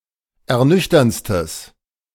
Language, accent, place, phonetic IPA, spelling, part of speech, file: German, Germany, Berlin, [ɛɐ̯ˈnʏçtɐnt͡stəs], ernüchterndstes, adjective, De-ernüchterndstes.ogg
- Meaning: strong/mixed nominative/accusative neuter singular superlative degree of ernüchternd